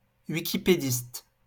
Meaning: Wikipedian
- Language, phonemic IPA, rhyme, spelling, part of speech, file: French, /wi.ki.pe.dist/, -ist, wikipédiste, noun, LL-Q150 (fra)-wikipédiste.wav